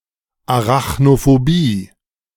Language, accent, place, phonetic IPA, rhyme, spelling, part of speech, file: German, Germany, Berlin, [aʁaxnofoˈbiː], -iː, Arachnophobie, noun, De-Arachnophobie2.ogg
- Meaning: arachnophobia